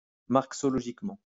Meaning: Marxologically
- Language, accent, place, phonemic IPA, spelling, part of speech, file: French, France, Lyon, /maʁk.sɔ.lɔ.ʒik.mɑ̃/, marxologiquement, adverb, LL-Q150 (fra)-marxologiquement.wav